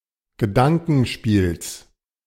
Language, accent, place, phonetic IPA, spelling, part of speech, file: German, Germany, Berlin, [ɡəˈdaŋkn̩ˌʃpiːls], Gedankenspiels, noun, De-Gedankenspiels.ogg
- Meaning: genitive singular of Gedankenspiel